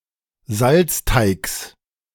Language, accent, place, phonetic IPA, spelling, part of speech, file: German, Germany, Berlin, [ˈzalt͡sˌtaɪ̯ks], Salzteigs, noun, De-Salzteigs.ogg
- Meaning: genitive singular of Salzteig